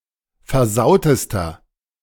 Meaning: inflection of versaut: 1. strong/mixed nominative masculine singular superlative degree 2. strong genitive/dative feminine singular superlative degree 3. strong genitive plural superlative degree
- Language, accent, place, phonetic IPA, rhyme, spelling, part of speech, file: German, Germany, Berlin, [fɛɐ̯ˈzaʊ̯təstɐ], -aʊ̯təstɐ, versautester, adjective, De-versautester.ogg